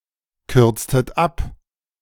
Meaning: inflection of abkürzen: 1. second-person plural preterite 2. second-person plural subjunctive II
- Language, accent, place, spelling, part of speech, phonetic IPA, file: German, Germany, Berlin, kürztet ab, verb, [ˌkʏʁt͡stət ˈap], De-kürztet ab.ogg